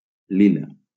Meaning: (adjective) lilac; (noun) lilac (color/colour)
- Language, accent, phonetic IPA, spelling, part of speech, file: Catalan, Valencia, [ˈli.la], lila, adjective / noun, LL-Q7026 (cat)-lila.wav